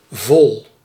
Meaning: 1. full, replete 2. complete 3. whole
- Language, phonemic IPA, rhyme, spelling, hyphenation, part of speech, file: Dutch, /vɔl/, -ɔl, vol, vol, adjective, Nl-vol.ogg